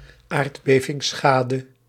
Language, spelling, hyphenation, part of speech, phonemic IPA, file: Dutch, aardbevingsschade, aard‧be‧vings‧scha‧de, noun, /ˈaːrt.beː.vɪŋˌsxaː.də/, Nl-aardbevingsschade.ogg
- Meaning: damage caused by earthquakes